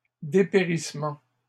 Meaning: plural of dépérissement
- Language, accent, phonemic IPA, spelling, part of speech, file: French, Canada, /de.pe.ʁis.mɑ̃/, dépérissements, noun, LL-Q150 (fra)-dépérissements.wav